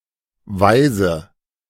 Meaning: 1. female orphan 2. orphan
- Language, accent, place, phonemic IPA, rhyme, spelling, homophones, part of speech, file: German, Germany, Berlin, /ˈvaɪ̯zə/, -aɪ̯zə, Waise, weise / Weise, noun, De-Waise.ogg